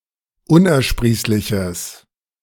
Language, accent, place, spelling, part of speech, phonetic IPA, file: German, Germany, Berlin, unersprießliches, adjective, [ˈʊnʔɛɐ̯ˌʃpʁiːslɪçəs], De-unersprießliches.ogg
- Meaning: strong/mixed nominative/accusative neuter singular of unersprießlich